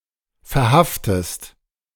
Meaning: inflection of verhaften: 1. second-person singular present 2. second-person singular subjunctive I
- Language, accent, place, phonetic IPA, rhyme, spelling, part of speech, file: German, Germany, Berlin, [fɛɐ̯ˈhaftəst], -aftəst, verhaftest, verb, De-verhaftest.ogg